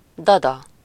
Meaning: nurse (a person (usually a woman) who takes care of other people’s young)
- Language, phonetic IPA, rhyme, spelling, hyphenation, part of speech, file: Hungarian, [ˈdɒdɒ], -dɒ, dada, da‧da, noun, Hu-dada.ogg